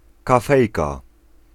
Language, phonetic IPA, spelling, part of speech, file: Polish, [kaˈfɛjka], kafejka, noun, Pl-kafejka.ogg